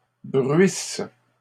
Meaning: inflection of bruire: 1. first/third-person singular present subjunctive 2. first-person singular imperfect subjunctive
- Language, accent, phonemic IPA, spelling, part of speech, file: French, Canada, /bʁɥis/, bruisse, verb, LL-Q150 (fra)-bruisse.wav